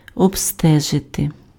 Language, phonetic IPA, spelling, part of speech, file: Ukrainian, [ɔbˈstɛʒete], обстежити, verb, Uk-обстежити.ogg
- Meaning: 1. to inspect, to examine 2. to investigate, to inquire (into), to explore